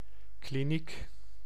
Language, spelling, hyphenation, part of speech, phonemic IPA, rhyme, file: Dutch, kliniek, kli‧niek, noun, /kliˈnik/, -ik, Nl-kliniek.ogg
- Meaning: a clinic, type of hospital or other medical facility for outpatient treatment